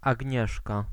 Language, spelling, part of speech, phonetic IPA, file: Polish, Agnieszka, proper noun, [aɟˈɲɛʃka], Pl-Agnieszka.ogg